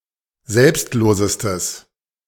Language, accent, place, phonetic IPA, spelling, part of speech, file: German, Germany, Berlin, [ˈzɛlpstˌloːzəstəs], selbstlosestes, adjective, De-selbstlosestes.ogg
- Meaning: strong/mixed nominative/accusative neuter singular superlative degree of selbstlos